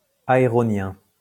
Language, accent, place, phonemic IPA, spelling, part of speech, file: French, France, Lyon, /a.e.ʁɔ.njɛ̃/, aéronien, adjective, LL-Q150 (fra)-aéronien.wav
- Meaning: Aeronian